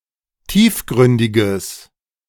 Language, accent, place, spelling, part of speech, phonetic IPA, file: German, Germany, Berlin, tiefgründiges, adjective, [ˈtiːfˌɡʁʏndɪɡəs], De-tiefgründiges.ogg
- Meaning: strong/mixed nominative/accusative neuter singular of tiefgründig